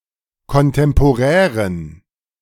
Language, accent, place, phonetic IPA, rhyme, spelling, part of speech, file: German, Germany, Berlin, [kɔnˌtɛmpoˈʁɛːʁən], -ɛːʁən, kontemporären, adjective, De-kontemporären.ogg
- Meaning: inflection of kontemporär: 1. strong genitive masculine/neuter singular 2. weak/mixed genitive/dative all-gender singular 3. strong/weak/mixed accusative masculine singular 4. strong dative plural